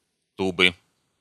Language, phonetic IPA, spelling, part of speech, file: Russian, [ˈtubɨ], тубы, noun, Ru-ту́бы.ogg
- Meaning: inflection of ту́ба (túba): 1. genitive singular 2. nominative/accusative plural